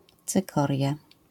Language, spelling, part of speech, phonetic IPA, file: Polish, cykoria, noun, [t͡sɨˈkɔrʲja], LL-Q809 (pol)-cykoria.wav